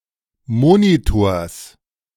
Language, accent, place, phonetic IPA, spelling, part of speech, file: German, Germany, Berlin, [ˈmoːnitoːɐ̯s], Monitors, noun, De-Monitors.ogg
- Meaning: genitive singular of Monitor